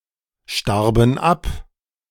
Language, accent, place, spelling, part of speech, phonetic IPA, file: German, Germany, Berlin, starben ab, verb, [ˌʃtaʁbn̩ ˈap], De-starben ab.ogg
- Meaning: first/third-person plural preterite of absterben